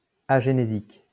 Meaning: agenesic
- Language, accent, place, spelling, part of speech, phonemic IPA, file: French, France, Lyon, agénésique, adjective, /a.ʒe.ne.zik/, LL-Q150 (fra)-agénésique.wav